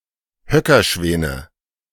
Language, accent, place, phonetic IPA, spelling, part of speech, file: German, Germany, Berlin, [ˈhœkɐˌʃvɛːnə], Höckerschwäne, noun, De-Höckerschwäne.ogg
- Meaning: nominative/accusative/genitive plural of Höckerschwan